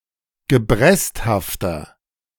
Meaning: 1. comparative degree of gebresthaft 2. inflection of gebresthaft: strong/mixed nominative masculine singular 3. inflection of gebresthaft: strong genitive/dative feminine singular
- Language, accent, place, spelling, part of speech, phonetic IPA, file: German, Germany, Berlin, gebresthafter, adjective, [ɡəˈbʁɛsthaftɐ], De-gebresthafter.ogg